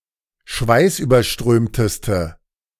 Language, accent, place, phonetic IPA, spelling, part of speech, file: German, Germany, Berlin, [ˈʃvaɪ̯sʔyːbɐˌʃtʁøːmtəstə], schweißüberströmteste, adjective, De-schweißüberströmteste.ogg
- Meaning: inflection of schweißüberströmt: 1. strong/mixed nominative/accusative feminine singular superlative degree 2. strong nominative/accusative plural superlative degree